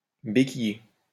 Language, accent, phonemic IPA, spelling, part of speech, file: French, France, /be.ki.je/, béquiller, verb, LL-Q150 (fra)-béquiller.wav
- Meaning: 1. to walk with the aid of crutches 2. to lower the kickstand of a motorcycle; to prop up a motorcycle on its kickstand